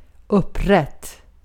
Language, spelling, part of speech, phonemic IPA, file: Swedish, upprätt, adjective, /²ɵpˌrɛt/, Sv-upprätt.ogg
- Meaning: upright, erect